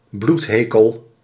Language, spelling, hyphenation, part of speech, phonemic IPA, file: Dutch, bloedhekel, bloed‧he‧kel, noun, /ˈblutˌɦeː.kəl/, Nl-bloedhekel.ogg
- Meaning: abhorrence, loathing, extreme contempt or aversion towards something or someone